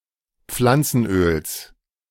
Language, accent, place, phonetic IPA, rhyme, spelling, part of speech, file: German, Germany, Berlin, [ˈp͡flant͡sn̩ˌʔøːls], -ant͡sn̩ʔøːls, Pflanzenöls, noun, De-Pflanzenöls.ogg
- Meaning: genitive singular of Pflanzenöl